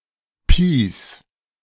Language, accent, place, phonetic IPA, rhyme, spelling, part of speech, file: German, Germany, Berlin, [piːs], -iːs, Pis, noun, De-Pis.ogg
- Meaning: 1. genitive singular of Pi 2. plural of Pi